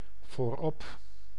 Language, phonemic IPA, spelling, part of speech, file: Dutch, /voˈrɔp/, voorop, adverb, Nl-voorop.ogg
- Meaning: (adverb) 1. on/at the front 2. first, foremost; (preposition) on/at the front of